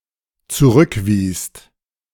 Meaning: second-person singular/plural dependent preterite of zurückweisen
- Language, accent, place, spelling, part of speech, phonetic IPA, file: German, Germany, Berlin, zurückwiest, verb, [t͡suˈʁʏkˌviːst], De-zurückwiest.ogg